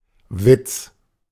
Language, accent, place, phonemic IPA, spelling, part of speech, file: German, Germany, Berlin, /vɪt͡s/, Witz, noun, De-Witz.ogg
- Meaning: 1. joke 2. joke (something that is not taken seriously, e.g. due to being very easy, very ineffective, or very arbitrary) 3. wit, humour